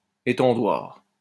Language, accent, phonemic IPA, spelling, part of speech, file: French, France, /e.tɑ̃.dwaʁ/, étendoir, noun, LL-Q150 (fra)-étendoir.wav
- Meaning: clotheshorse